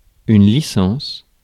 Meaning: 1. licence 2. permit, certificate 3. bachelor's degree (three-year long) 4. licence: excessive or undue freedom or liberty
- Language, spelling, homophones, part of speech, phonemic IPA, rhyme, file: French, licence, licences, noun, /li.sɑ̃s/, -ɑ̃s, Fr-licence.ogg